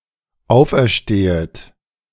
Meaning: second-person plural dependent subjunctive I of auferstehen
- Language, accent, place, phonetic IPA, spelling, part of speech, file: German, Germany, Berlin, [ˈaʊ̯fʔɛɐ̯ˌʃteːət], auferstehet, verb, De-auferstehet.ogg